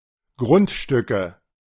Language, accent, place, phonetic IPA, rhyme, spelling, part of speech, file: German, Germany, Berlin, [ˈɡʁʊntˌʃtʏkə], -ʊntʃtʏkə, Grundstücke, noun, De-Grundstücke.ogg
- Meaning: nominative/accusative/genitive plural of Grundstück